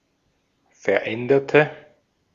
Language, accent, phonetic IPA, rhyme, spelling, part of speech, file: German, Austria, [fɛɐ̯ˈʔɛndɐtə], -ɛndɐtə, veränderte, adjective / verb, De-at-veränderte.ogg
- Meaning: inflection of verändern: 1. first/third-person singular preterite 2. first/third-person singular subjunctive II